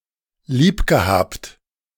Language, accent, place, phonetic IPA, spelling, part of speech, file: German, Germany, Berlin, [ˈliːpɡəˌhaːpt], liebgehabt, verb, De-liebgehabt.ogg
- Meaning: past participle of liebhaben